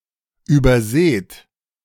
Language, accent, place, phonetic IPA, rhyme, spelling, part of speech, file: German, Germany, Berlin, [yːbɐˈzeːt], -eːt, überseht, verb, De-überseht.ogg
- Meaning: inflection of übersehen: 1. second-person plural present 2. plural imperative